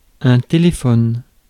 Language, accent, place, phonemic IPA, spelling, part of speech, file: French, France, Paris, /te.le.fɔn/, téléphone, noun / verb, Fr-téléphone.ogg
- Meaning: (noun) telephone; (verb) inflection of téléphoner: 1. first/third-person singular present indicative/subjunctive 2. second-person singular imperative